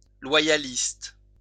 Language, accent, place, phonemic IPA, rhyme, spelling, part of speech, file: French, France, Lyon, /lwa.ja.list/, -ist, loyaliste, noun / adjective, LL-Q150 (fra)-loyaliste.wav
- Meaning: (noun) loyalist